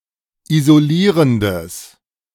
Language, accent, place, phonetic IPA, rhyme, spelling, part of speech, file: German, Germany, Berlin, [izoˈliːʁəndəs], -iːʁəndəs, isolierendes, adjective, De-isolierendes.ogg
- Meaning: strong/mixed nominative/accusative neuter singular of isolierend